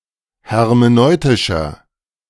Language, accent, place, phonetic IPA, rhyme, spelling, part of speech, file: German, Germany, Berlin, [hɛʁmeˈnɔɪ̯tɪʃɐ], -ɔɪ̯tɪʃɐ, hermeneutischer, adjective, De-hermeneutischer.ogg
- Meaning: inflection of hermeneutisch: 1. strong/mixed nominative masculine singular 2. strong genitive/dative feminine singular 3. strong genitive plural